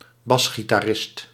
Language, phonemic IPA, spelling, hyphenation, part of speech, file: Dutch, /ˈbɑs.xi.taːˌrɪst/, basgitarist, bas‧gi‧ta‧rist, noun, Nl-basgitarist.ogg
- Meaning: bass guitarist